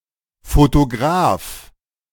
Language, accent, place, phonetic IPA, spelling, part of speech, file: German, Germany, Berlin, [fotoˈɡʁaːf], Photograph, noun, De-Photograph.ogg
- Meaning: alternative spelling of Fotograf (“photographer”)